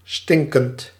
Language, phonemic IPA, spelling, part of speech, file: Dutch, /ˈstɪŋkənt/, stinkend, verb / adjective, Nl-stinkend.ogg
- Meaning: present participle of stinken